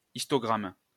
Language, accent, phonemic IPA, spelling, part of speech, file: French, France, /is.tɔ.ɡʁam/, histogramme, noun, LL-Q150 (fra)-histogramme.wav
- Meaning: histogram